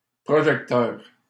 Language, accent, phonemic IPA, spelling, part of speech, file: French, Canada, /pʁɔ.ʒɛk.tœʁ/, projecteur, noun, LL-Q150 (fra)-projecteur.wav
- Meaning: 1. projector 2. spotlight